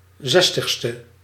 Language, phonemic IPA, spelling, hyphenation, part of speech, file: Dutch, /ˈzɛs.təx.stə/, zestigste, zes‧tig‧ste, adjective, Nl-zestigste.ogg
- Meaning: sixtieth